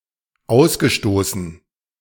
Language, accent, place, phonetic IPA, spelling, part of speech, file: German, Germany, Berlin, [ˈaʊ̯sɡəˌʃtoːsn̩], ausgestoßen, verb, De-ausgestoßen.ogg
- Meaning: past participle of ausstoßen